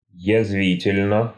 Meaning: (adverb) sarcastically, caustically; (adjective) short neuter singular of язви́тельный (jazvítelʹnyj)
- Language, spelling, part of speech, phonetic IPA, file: Russian, язвительно, adverb / adjective, [(j)ɪzˈvʲitʲɪlʲnə], Ru-язвительно.ogg